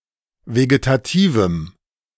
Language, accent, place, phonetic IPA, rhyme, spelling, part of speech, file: German, Germany, Berlin, [veɡetaˈtiːvm̩], -iːvm̩, vegetativem, adjective, De-vegetativem.ogg
- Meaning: strong dative masculine/neuter singular of vegetativ